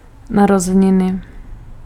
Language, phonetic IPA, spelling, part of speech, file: Czech, [ˈnarozɛɲɪnɪ], narozeniny, noun, Cs-narozeniny.ogg
- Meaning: birthday (anniversary)